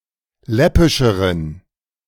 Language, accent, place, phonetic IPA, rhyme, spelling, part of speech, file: German, Germany, Berlin, [ˈlɛpɪʃəʁən], -ɛpɪʃəʁən, läppischeren, adjective, De-läppischeren.ogg
- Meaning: inflection of läppisch: 1. strong genitive masculine/neuter singular comparative degree 2. weak/mixed genitive/dative all-gender singular comparative degree